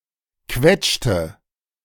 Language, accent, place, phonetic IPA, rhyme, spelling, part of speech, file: German, Germany, Berlin, [ˈkvɛt͡ʃtə], -ɛt͡ʃtə, quetschte, verb, De-quetschte.ogg
- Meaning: inflection of quetschen: 1. first/third-person singular preterite 2. first/third-person singular subjunctive II